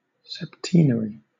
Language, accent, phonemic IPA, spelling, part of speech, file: English, Southern England, /sɛpˈtiːnəɹi/, septenary, adjective / noun, LL-Q1860 (eng)-septenary.wav
- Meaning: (adjective) 1. Consisting of or containing seven 2. Of seventh rank or order 3. Lasting seven years; continuing seven years; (noun) 1. A group of seven things 2. A period of seven years